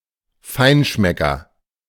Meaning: gourmet
- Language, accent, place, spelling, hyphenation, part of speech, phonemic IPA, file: German, Germany, Berlin, Feinschmecker, Fein‧schme‧cker, noun, /ˈfaɪ̯nˌʃmɛkɐ/, De-Feinschmecker.ogg